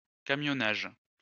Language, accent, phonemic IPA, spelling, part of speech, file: French, France, /ka.mjɔ.naʒ/, camionnage, noun, LL-Q150 (fra)-camionnage.wav
- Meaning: haulage / trucking